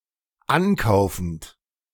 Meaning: present participle of ankaufen
- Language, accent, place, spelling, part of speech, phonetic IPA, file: German, Germany, Berlin, ankaufend, verb, [ˈanˌkaʊ̯fn̩t], De-ankaufend.ogg